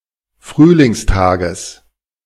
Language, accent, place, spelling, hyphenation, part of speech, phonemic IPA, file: German, Germany, Berlin, Frühlingstages, Früh‧lings‧ta‧ges, noun, /ˈfʁyːlɪŋsˌtaːɡəs/, De-Frühlingstages.ogg
- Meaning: genitive singular of Frühlingstag